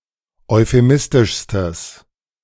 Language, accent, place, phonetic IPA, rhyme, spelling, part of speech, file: German, Germany, Berlin, [ɔɪ̯feˈmɪstɪʃstəs], -ɪstɪʃstəs, euphemistischstes, adjective, De-euphemistischstes.ogg
- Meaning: strong/mixed nominative/accusative neuter singular superlative degree of euphemistisch